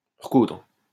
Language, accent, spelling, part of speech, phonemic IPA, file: French, France, recoudre, verb, /ʁə.kudʁ/, LL-Q150 (fra)-recoudre.wav
- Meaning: 1. to resew, mend (a thing torn or unraveled) 2. to stitch together, to close (an incision or wound) with surgical stitches 3. to stitch or piece together, as memories